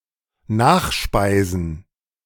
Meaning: plural of Nachspeise
- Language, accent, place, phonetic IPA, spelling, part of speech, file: German, Germany, Berlin, [ˈnaːxˌʃpaɪ̯zn̩], Nachspeisen, noun, De-Nachspeisen.ogg